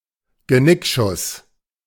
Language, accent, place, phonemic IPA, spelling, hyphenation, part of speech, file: German, Germany, Berlin, /ɡəˈnɪkʃʊs/, Genickschuss, Ge‧nick‧schuss, noun, De-Genickschuss.ogg
- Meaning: shot in the nape, an execution-style shot in the neck at the base of the skull